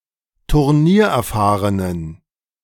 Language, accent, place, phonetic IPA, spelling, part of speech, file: German, Germany, Berlin, [tʊʁˈniːɐ̯ʔɛɐ̯ˌfaːʁənən], turniererfahrenen, adjective, De-turniererfahrenen.ogg
- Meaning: inflection of turniererfahren: 1. strong genitive masculine/neuter singular 2. weak/mixed genitive/dative all-gender singular 3. strong/weak/mixed accusative masculine singular 4. strong dative plural